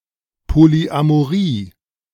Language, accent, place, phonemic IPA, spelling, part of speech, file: German, Germany, Berlin, /ˌpoːliamoˈʁiː/, Polyamorie, noun, De-Polyamorie.ogg
- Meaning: polyamory